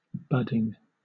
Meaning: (adjective) Beginning to develop; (noun) 1. The development of buds on a plant 2. The practice of uniting a single scion bud with rootstock or bark 3. The result of this practice
- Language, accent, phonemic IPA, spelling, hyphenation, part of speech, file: English, Southern England, /ˈbʌdiŋ/, budding, bud‧ding, adjective / noun / verb, LL-Q1860 (eng)-budding.wav